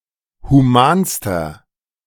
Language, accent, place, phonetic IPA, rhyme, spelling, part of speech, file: German, Germany, Berlin, [huˈmaːnstɐ], -aːnstɐ, humanster, adjective, De-humanster.ogg
- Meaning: inflection of human: 1. strong/mixed nominative masculine singular superlative degree 2. strong genitive/dative feminine singular superlative degree 3. strong genitive plural superlative degree